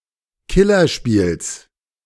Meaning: genitive singular of Killerspiel
- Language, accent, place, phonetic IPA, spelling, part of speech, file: German, Germany, Berlin, [ˈkɪlɐˌʃpiːls], Killerspiels, noun, De-Killerspiels.ogg